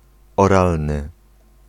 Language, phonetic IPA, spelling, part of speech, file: Polish, [ɔˈralnɨ], oralny, adjective, Pl-oralny.ogg